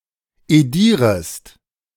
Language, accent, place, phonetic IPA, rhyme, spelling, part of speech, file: German, Germany, Berlin, [eˈdiːʁəst], -iːʁəst, edierest, verb, De-edierest.ogg
- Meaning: second-person singular subjunctive I of edieren